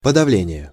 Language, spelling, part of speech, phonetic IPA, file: Russian, подавление, noun, [pədɐˈvlʲenʲɪje], Ru-подавление.ogg
- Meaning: 1. suppression, repression 2. neutralization